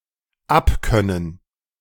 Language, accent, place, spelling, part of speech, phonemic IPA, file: German, Germany, Berlin, abkönnen, verb, /ˈapˌkœnən/, De-abkönnen.ogg
- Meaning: to be able to (with)stand or endure something or someone